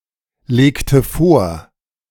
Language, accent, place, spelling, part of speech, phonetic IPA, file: German, Germany, Berlin, legte vor, verb, [ˌleːktə ˈfoːɐ̯], De-legte vor.ogg
- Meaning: inflection of vorlegen: 1. first/third-person singular preterite 2. first/third-person singular subjunctive II